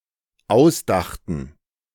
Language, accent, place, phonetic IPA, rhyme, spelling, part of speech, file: German, Germany, Berlin, [ˈaʊ̯sˌdaxtn̩], -aʊ̯sdaxtn̩, ausdachten, verb, De-ausdachten.ogg
- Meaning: first/third-person plural dependent preterite of ausdenken